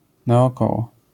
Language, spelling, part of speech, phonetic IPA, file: Polish, naokoło, adverb / preposition, [ˌnaɔˈkɔwɔ], LL-Q809 (pol)-naokoło.wav